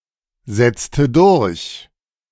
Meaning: inflection of durchsetzen: 1. first/third-person singular preterite 2. first/third-person singular subjunctive II
- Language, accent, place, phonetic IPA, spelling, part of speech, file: German, Germany, Berlin, [zɛt͡stə ˈdʊʁç], setzte durch, verb, De-setzte durch.ogg